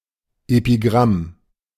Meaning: epigram
- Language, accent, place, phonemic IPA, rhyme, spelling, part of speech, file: German, Germany, Berlin, /epiˈɡʁam/, -am, Epigramm, noun, De-Epigramm.ogg